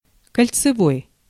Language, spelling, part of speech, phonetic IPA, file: Russian, кольцевой, adjective, [kəlʲt͡sɨˈvoj], Ru-кольцевой.ogg
- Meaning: 1. annular 2. ring; circular